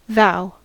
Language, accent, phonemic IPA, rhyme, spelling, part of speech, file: English, General American, /ðaʊ/, -aʊ, thou, pronoun / verb, En-us-thou.ogg
- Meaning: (pronoun) Nominative singular of ye (“you”); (verb) 1. To address (a person) using the pronoun thou, especially as an expression of contempt or familiarity 2. To use the word thou